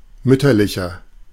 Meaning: inflection of mütterlich: 1. strong/mixed nominative masculine singular 2. strong genitive/dative feminine singular 3. strong genitive plural
- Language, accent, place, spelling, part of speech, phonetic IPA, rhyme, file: German, Germany, Berlin, mütterlicher, adjective, [ˈmʏtɐlɪçɐ], -ʏtɐlɪçɐ, De-mütterlicher.ogg